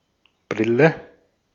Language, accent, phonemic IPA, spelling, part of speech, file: German, Austria, /ˈbʁɪlə/, Brille, noun, De-at-Brille.ogg
- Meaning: 1. glasses, spectacles (frames bearing two lenses worn in front of the eyes to correct vision) 2. goggles (protective eyewear set in a flexible frame to fit snugly against the face)